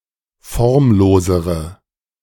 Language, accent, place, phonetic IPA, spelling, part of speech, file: German, Germany, Berlin, [ˈfɔʁmˌloːzəʁə], formlosere, adjective, De-formlosere.ogg
- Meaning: inflection of formlos: 1. strong/mixed nominative/accusative feminine singular comparative degree 2. strong nominative/accusative plural comparative degree